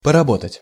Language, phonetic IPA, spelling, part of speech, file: Russian, [pərɐˈbotətʲ], поработать, verb, Ru-поработать.ogg
- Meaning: to work for some time, to do some work, to put in some work